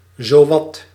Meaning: 1. just about; nearly 2. practically
- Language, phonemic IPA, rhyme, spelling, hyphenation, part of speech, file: Dutch, /zoːˈʋɑt/, -ɑt, zowat, zo‧wat, adverb, Nl-zowat.ogg